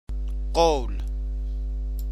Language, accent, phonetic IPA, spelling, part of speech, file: Persian, Iran, [qowl̥], قول, noun, Fa-قول.ogg
- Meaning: 1. promise, vow, one's word 2. saying, speech, words 3. saying, aphorism, dictum 4. agreement, contract 5. a deed of lease on land between the government and another party